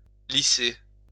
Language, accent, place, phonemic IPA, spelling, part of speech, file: French, France, Lyon, /li.se/, lisser, verb, LL-Q150 (fra)-lisser.wav
- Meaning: 1. to smooth 2. to level 3. to straighten